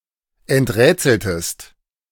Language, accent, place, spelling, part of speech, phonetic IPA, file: German, Germany, Berlin, enträtseltest, verb, [ɛntˈʁɛːt͡sl̩təst], De-enträtseltest.ogg
- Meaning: inflection of enträtseln: 1. second-person singular preterite 2. second-person singular subjunctive II